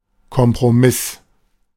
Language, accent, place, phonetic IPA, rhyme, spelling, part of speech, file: German, Germany, Berlin, [kɔmpʁoˈmɪs], -ɪs, Kompromiss, noun, De-Kompromiss.ogg
- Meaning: compromise